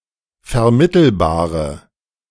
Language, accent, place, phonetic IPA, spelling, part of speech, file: German, Germany, Berlin, [fɛɐ̯ˈmɪtl̩baːʁə], vermittelbare, adjective, De-vermittelbare.ogg
- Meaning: inflection of vermittelbar: 1. strong/mixed nominative/accusative feminine singular 2. strong nominative/accusative plural 3. weak nominative all-gender singular